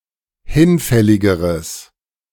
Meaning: strong/mixed nominative/accusative neuter singular comparative degree of hinfällig
- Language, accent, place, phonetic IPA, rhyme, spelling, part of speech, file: German, Germany, Berlin, [ˈhɪnˌfɛlɪɡəʁəs], -ɪnfɛlɪɡəʁəs, hinfälligeres, adjective, De-hinfälligeres.ogg